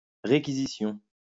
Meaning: requisition
- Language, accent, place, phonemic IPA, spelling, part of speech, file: French, France, Lyon, /ʁe.ki.zi.sjɔ̃/, réquisition, noun, LL-Q150 (fra)-réquisition.wav